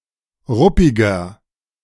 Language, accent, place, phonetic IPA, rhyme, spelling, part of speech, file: German, Germany, Berlin, [ˈʁʊpɪɡɐ], -ʊpɪɡɐ, ruppiger, adjective, De-ruppiger.ogg
- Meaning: 1. comparative degree of ruppig 2. inflection of ruppig: strong/mixed nominative masculine singular 3. inflection of ruppig: strong genitive/dative feminine singular